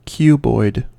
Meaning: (adjective) Of the shape of a cube; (noun) 1. The cuboid bone 2. A hexahedron
- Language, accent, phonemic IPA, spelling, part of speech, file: English, US, /ˈkjuːbɔɪd/, cuboid, adjective / noun, En-us-cuboid.ogg